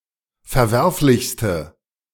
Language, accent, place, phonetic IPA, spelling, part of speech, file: German, Germany, Berlin, [fɛɐ̯ˈvɛʁflɪçstə], verwerflichste, adjective, De-verwerflichste.ogg
- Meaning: inflection of verwerflich: 1. strong/mixed nominative/accusative feminine singular superlative degree 2. strong nominative/accusative plural superlative degree